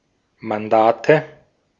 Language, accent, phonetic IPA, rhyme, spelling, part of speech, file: German, Austria, [manˈdaːtə], -aːtə, Mandate, noun, De-at-Mandate.ogg
- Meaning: nominative/accusative/genitive plural of Mandat